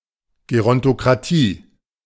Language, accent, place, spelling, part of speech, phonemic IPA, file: German, Germany, Berlin, Gerontokratie, noun, /ɡeˌʁɔntokʁaˈtiː/, De-Gerontokratie.ogg
- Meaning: gerontocracy (government by elders)